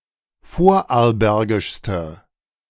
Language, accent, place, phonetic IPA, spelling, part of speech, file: German, Germany, Berlin, [ˈfoːɐ̯ʔaʁlˌbɛʁɡɪʃstə], vorarlbergischste, adjective, De-vorarlbergischste.ogg
- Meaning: inflection of vorarlbergisch: 1. strong/mixed nominative/accusative feminine singular superlative degree 2. strong nominative/accusative plural superlative degree